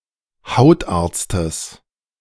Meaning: genitive singular of Hautarzt
- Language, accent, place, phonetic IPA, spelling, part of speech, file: German, Germany, Berlin, [ˈhaʊ̯tʔaːɐ̯t͡stəs], Hautarztes, noun, De-Hautarztes.ogg